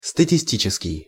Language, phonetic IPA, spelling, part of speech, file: Russian, [stətʲɪˈsʲtʲit͡ɕɪskʲɪj], статистический, adjective, Ru-статистический.ogg
- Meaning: statistical